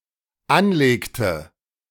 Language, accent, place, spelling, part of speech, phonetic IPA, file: German, Germany, Berlin, anlegte, verb, [ˈanˌleːktə], De-anlegte.ogg
- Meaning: inflection of anlegen: 1. first/third-person singular dependent preterite 2. first/third-person singular dependent subjunctive II